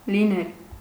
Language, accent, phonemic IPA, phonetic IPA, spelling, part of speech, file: Armenian, Eastern Armenian, /liˈnel/, [linél], լինել, verb, Hy-լինել.ogg
- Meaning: 1. to be, to exist 2. to happen